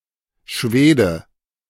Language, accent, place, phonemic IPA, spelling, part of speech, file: German, Germany, Berlin, /ˈʃveːdə/, Schwede, noun, De-Schwede.ogg
- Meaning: 1. Swede (Swedish person) (male or of unspecified gender) 2. Swede (member of the Germanic tribal group) (male or of unspecified gender)